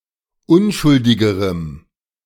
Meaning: strong dative masculine/neuter singular comparative degree of unschuldig
- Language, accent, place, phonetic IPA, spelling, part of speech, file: German, Germany, Berlin, [ˈʊnʃʊldɪɡəʁəm], unschuldigerem, adjective, De-unschuldigerem.ogg